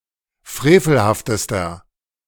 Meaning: inflection of frevelhaft: 1. strong/mixed nominative masculine singular superlative degree 2. strong genitive/dative feminine singular superlative degree 3. strong genitive plural superlative degree
- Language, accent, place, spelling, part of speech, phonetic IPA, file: German, Germany, Berlin, frevelhaftester, adjective, [ˈfʁeːfl̩haftəstɐ], De-frevelhaftester.ogg